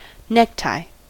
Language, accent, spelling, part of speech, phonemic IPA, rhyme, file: English, US, necktie, noun, /ˈnɛk.taɪ/, -ɛktaɪ, En-us-necktie.ogg
- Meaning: A strip of cloth worn around the neck and tied in the front